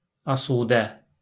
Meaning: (adjective) 1. carefree 2. free, unoccupied; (adverb) 1. peacefully 2. in a carefree manner
- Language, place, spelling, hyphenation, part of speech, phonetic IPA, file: Azerbaijani, Baku, asudə, a‧su‧də, adjective / adverb, [ɑsuːˈdæ], LL-Q9292 (aze)-asudə.wav